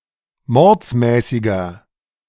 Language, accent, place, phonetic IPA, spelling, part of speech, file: German, Germany, Berlin, [ˈmɔʁt͡smɛːsɪɡɐ], mordsmäßiger, adjective, De-mordsmäßiger.ogg
- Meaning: inflection of mordsmäßig: 1. strong/mixed nominative masculine singular 2. strong genitive/dative feminine singular 3. strong genitive plural